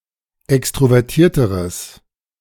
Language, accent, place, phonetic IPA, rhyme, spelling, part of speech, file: German, Germany, Berlin, [ˌɛkstʁovɛʁˈtiːɐ̯təʁəs], -iːɐ̯təʁəs, extrovertierteres, adjective, De-extrovertierteres.ogg
- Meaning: strong/mixed nominative/accusative neuter singular comparative degree of extrovertiert